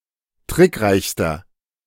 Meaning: inflection of trickreich: 1. strong/mixed nominative masculine singular superlative degree 2. strong genitive/dative feminine singular superlative degree 3. strong genitive plural superlative degree
- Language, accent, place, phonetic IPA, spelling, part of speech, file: German, Germany, Berlin, [ˈtʁɪkˌʁaɪ̯çstɐ], trickreichster, adjective, De-trickreichster.ogg